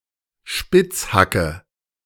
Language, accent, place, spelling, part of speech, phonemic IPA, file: German, Germany, Berlin, Spitzhacke, noun, /ˈʃpɪt͡sˌhakə/, De-Spitzhacke.ogg
- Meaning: pickaxe